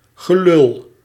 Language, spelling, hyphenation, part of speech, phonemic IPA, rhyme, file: Dutch, gelul, ge‧lul, noun, /ɣəlʏl/, -ʏl, Nl-gelul.ogg
- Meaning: bullshit, empty talk